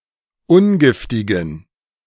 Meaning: inflection of ungiftig: 1. strong genitive masculine/neuter singular 2. weak/mixed genitive/dative all-gender singular 3. strong/weak/mixed accusative masculine singular 4. strong dative plural
- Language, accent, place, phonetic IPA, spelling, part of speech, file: German, Germany, Berlin, [ˈʊnˌɡɪftɪɡn̩], ungiftigen, adjective, De-ungiftigen.ogg